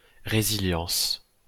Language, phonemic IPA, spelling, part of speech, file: French, /ʁe.zi.ljɑ̃s/, résilience, noun, LL-Q150 (fra)-résilience.wav
- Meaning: resilience (the mental ability to recover quickly from depression, illness or misfortune)